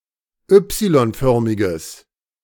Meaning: strong/mixed nominative/accusative neuter singular of Y-förmig
- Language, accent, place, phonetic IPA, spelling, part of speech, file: German, Germany, Berlin, [ˈʏpsilɔnˌfœʁmɪɡəs], Y-förmiges, adjective, De-Y-förmiges.ogg